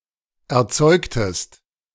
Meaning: inflection of erzeugen: 1. second-person singular preterite 2. second-person singular subjunctive II
- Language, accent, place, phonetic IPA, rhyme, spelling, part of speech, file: German, Germany, Berlin, [ɛɐ̯ˈt͡sɔɪ̯ktəst], -ɔɪ̯ktəst, erzeugtest, verb, De-erzeugtest.ogg